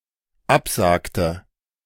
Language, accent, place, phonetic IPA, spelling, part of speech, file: German, Germany, Berlin, [ˈapˌzaːktə], absagte, verb, De-absagte.ogg
- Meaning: inflection of absagen: 1. first/third-person singular dependent preterite 2. first/third-person singular dependent subjunctive II